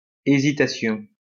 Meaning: hesitation
- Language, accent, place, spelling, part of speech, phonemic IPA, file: French, France, Lyon, hésitation, noun, /e.zi.ta.sjɔ̃/, LL-Q150 (fra)-hésitation.wav